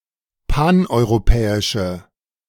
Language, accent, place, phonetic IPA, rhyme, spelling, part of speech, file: German, Germany, Berlin, [ˌpanʔɔɪ̯ʁoˈpɛːɪʃə], -ɛːɪʃə, paneuropäische, adjective, De-paneuropäische.ogg
- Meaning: inflection of paneuropäisch: 1. strong/mixed nominative/accusative feminine singular 2. strong nominative/accusative plural 3. weak nominative all-gender singular